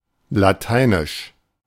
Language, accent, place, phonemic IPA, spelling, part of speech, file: German, Germany, Berlin, /laˈtaɪ̯nɪʃ/, lateinisch, adjective, De-lateinisch.ogg
- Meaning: 1. Latin (of or pertaining to the Latin language) 2. Latin (of or pertaining to the Latin script)